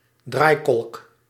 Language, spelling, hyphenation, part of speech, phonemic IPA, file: Dutch, draaikolk, draai‧kolk, noun, /ˈdraːi̯.kɔlk/, Nl-draaikolk.ogg
- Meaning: whirlpool, vortex